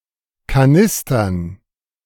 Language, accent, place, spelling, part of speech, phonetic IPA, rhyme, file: German, Germany, Berlin, Kanistern, noun, [kaˈnɪstɐn], -ɪstɐn, De-Kanistern.ogg
- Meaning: dative plural of Kanister